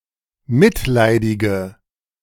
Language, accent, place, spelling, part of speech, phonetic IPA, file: German, Germany, Berlin, mitleidige, adjective, [ˈmɪtˌlaɪ̯dɪɡə], De-mitleidige.ogg
- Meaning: inflection of mitleidig: 1. strong/mixed nominative/accusative feminine singular 2. strong nominative/accusative plural 3. weak nominative all-gender singular